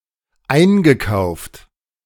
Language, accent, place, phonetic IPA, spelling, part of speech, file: German, Germany, Berlin, [ˈaɪ̯nɡəˌkaʊ̯ft], eingekauft, verb, De-eingekauft.ogg
- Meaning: past participle of einkaufen